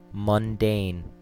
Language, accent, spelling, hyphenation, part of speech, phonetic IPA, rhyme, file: English, US, mundane, mun‧dane, adjective / noun, [mʌnˈdeɪn], -eɪn, En-us-mundane.ogg
- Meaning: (adjective) 1. Worldly, earthly, profane, vulgar as opposed to heavenly 2. Pertaining to the Universe, cosmos or physical reality, as opposed to the spiritual world